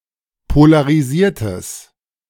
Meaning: strong/mixed nominative/accusative neuter singular of polarisiert
- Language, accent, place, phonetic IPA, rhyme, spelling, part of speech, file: German, Germany, Berlin, [polaʁiˈziːɐ̯təs], -iːɐ̯təs, polarisiertes, adjective, De-polarisiertes.ogg